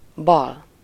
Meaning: 1. left 2. bad, unlucky 3. left, left-wing (pertaining to the political left)
- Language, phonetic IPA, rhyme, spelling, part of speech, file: Hungarian, [ˈbɒl], -ɒl, bal, adjective, Hu-bal.ogg